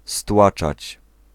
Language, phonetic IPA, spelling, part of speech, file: Polish, [ˈstwat͡ʃat͡ɕ], stłaczać, verb, Pl-stłaczać.ogg